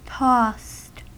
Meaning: simple past and past participle of toss
- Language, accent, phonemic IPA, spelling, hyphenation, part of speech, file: English, US, /tɔst/, tossed, tossed, verb, En-us-tossed.ogg